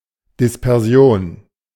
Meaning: dispersion, dispersal
- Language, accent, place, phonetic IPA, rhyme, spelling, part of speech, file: German, Germany, Berlin, [dɪspɛʁˈzi̯oːn], -oːn, Dispersion, noun, De-Dispersion.ogg